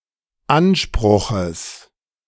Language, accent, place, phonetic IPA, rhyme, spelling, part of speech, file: German, Germany, Berlin, [ˈanˌʃpʁʊxəs], -anʃpʁʊxəs, Anspruches, noun, De-Anspruches.ogg
- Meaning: genitive singular of Anspruch